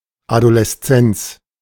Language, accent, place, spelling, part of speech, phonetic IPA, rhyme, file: German, Germany, Berlin, Adoleszenz, noun, [adolɛsˈt͡sɛnt͡s], -ɛnt͡s, De-Adoleszenz.ogg
- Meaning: adolescence